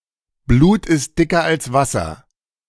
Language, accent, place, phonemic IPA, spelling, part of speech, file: German, Germany, Berlin, /bluːt ɪst dɪkər als vasər/, Blut ist dicker als Wasser, proverb, De-Blut ist dicker als Wasser.ogg
- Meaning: blood is thicker than water